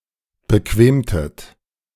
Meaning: inflection of bequemen: 1. second-person plural preterite 2. second-person plural subjunctive II
- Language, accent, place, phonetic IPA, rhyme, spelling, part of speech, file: German, Germany, Berlin, [bəˈkveːmtət], -eːmtət, bequemtet, verb, De-bequemtet.ogg